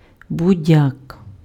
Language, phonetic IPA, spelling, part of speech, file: Ukrainian, [bʊˈdʲak], будяк, noun, Uk-будяк.ogg
- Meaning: thistle